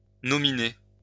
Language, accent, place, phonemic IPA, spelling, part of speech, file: French, France, Lyon, /nɔ.mi.ne/, nominer, verb, LL-Q150 (fra)-nominer.wav
- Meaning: to nominate